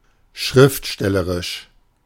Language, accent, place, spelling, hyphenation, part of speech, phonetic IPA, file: German, Germany, Berlin, schriftstellerisch, schrift‧stel‧le‧risch, adjective, [ˈʃʁɪftˌʃtɛləʁɪʃ], De-schriftstellerisch.ogg
- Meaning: literary